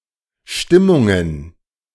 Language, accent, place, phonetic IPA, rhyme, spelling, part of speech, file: German, Germany, Berlin, [ˈʃtɪmʊŋən], -ɪmʊŋən, Stimmungen, noun, De-Stimmungen.ogg
- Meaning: plural of Stimmung